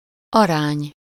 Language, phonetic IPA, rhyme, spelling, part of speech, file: Hungarian, [ˈɒraːɲ], -aːɲ, arány, noun, Hu-arány.ogg
- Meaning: ratio, proportion, scale